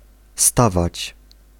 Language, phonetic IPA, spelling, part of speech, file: Polish, [ˈstavat͡ɕ], stawać, verb, Pl-stawać.ogg